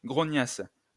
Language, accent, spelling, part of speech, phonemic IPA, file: French, France, grognasse, noun / verb, /ɡʁɔ.ɲas/, LL-Q150 (fra)-grognasse.wav
- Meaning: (noun) a grouchy despicable woman; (verb) first-person singular imperfect subjunctive of grogner